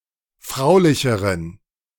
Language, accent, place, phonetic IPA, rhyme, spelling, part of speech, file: German, Germany, Berlin, [ˈfʁaʊ̯lɪçəʁən], -aʊ̯lɪçəʁən, fraulicheren, adjective, De-fraulicheren.ogg
- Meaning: inflection of fraulich: 1. strong genitive masculine/neuter singular comparative degree 2. weak/mixed genitive/dative all-gender singular comparative degree